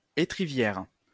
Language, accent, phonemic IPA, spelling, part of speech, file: French, France, /e.tʁi.vjɛʁ/, étrivière, noun, LL-Q150 (fra)-étrivière.wav
- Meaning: stirrup